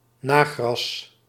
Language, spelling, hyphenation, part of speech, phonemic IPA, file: Dutch, nagras, na‧gras, noun, /ˈnaː.ɣrɑs/, Nl-nagras.ogg
- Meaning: 1. the lattermath, grass grown after the first crop has been harvested for hay 2. the leftovers